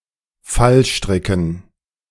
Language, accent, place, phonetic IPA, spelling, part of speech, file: German, Germany, Berlin, [ˈfalˌʃtʁɪkn̩], Fallstricken, noun, De-Fallstricken.ogg
- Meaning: dative plural of Fallstrick